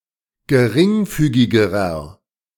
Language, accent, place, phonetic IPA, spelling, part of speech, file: German, Germany, Berlin, [ɡəˈʁɪŋˌfyːɡɪɡəʁɐ], geringfügigerer, adjective, De-geringfügigerer.ogg
- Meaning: inflection of geringfügig: 1. strong/mixed nominative masculine singular comparative degree 2. strong genitive/dative feminine singular comparative degree 3. strong genitive plural comparative degree